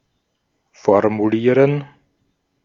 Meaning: to formulate, to put into words (a thought, question, request)
- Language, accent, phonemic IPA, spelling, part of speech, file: German, Austria, /fɔʁmuˈliːʁən/, formulieren, verb, De-at-formulieren.ogg